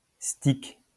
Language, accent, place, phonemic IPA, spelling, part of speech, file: French, France, Lyon, /stik/, stique, noun, LL-Q150 (fra)-stique.wav
- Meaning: stich; subdivision of a verse in the Bible